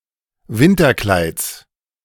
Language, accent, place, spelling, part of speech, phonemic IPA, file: German, Germany, Berlin, Winterkleids, noun, /ˈvɪntɐˌklaɪ̯ts/, De-Winterkleids.ogg
- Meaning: genitive singular of Winterkleid